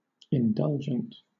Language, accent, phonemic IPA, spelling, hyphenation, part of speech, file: English, Southern England, /ɪnˈdʌld͡ʒənt/, indulgent, in‧dul‧gent, adjective, LL-Q1860 (eng)-indulgent.wav
- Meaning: Disposed or prone to indulge, humor, gratify, or yield to one's own or another's desires, etc., or to be compliant, lenient, or forbearing